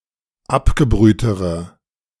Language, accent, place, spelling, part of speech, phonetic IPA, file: German, Germany, Berlin, abgebrühtere, adjective, [ˈapɡəˌbʁyːtəʁə], De-abgebrühtere.ogg
- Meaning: inflection of abgebrüht: 1. strong/mixed nominative/accusative feminine singular comparative degree 2. strong nominative/accusative plural comparative degree